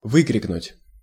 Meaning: 1. to scream out, to yell 2. to call out
- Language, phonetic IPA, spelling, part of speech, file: Russian, [ˈvɨkrʲɪknʊtʲ], выкрикнуть, verb, Ru-выкрикнуть.ogg